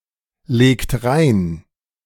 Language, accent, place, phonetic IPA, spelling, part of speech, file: German, Germany, Berlin, [ˌleːkt ˈʁaɪ̯n], legt rein, verb, De-legt rein.ogg
- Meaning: inflection of reinlegen: 1. second-person plural present 2. third-person singular present 3. plural imperative